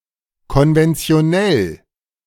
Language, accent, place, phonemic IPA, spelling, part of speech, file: German, Germany, Berlin, /kɔnvɛnt͡si̯oˈnɛl/, konventionell, adjective, De-konventionell.ogg
- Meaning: 1. conventional 2. normal